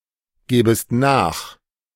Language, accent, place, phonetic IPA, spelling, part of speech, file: German, Germany, Berlin, [ˌɡeːbəst ˈnaːx], gebest nach, verb, De-gebest nach.ogg
- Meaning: second-person singular subjunctive I of nachgeben